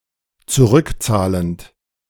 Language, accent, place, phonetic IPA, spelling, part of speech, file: German, Germany, Berlin, [t͡suˈʁʏkˌt͡saːlənt], zurückzahlend, verb, De-zurückzahlend.ogg
- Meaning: present participle of zurückzahlen